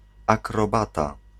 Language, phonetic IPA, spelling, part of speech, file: Polish, [ˌakrɔˈbata], akrobata, noun, Pl-akrobata.ogg